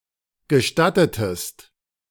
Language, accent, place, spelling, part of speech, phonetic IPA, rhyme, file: German, Germany, Berlin, gestattetest, verb, [ɡəˈʃtatətəst], -atətəst, De-gestattetest.ogg
- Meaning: inflection of gestatten: 1. second-person singular preterite 2. second-person singular subjunctive II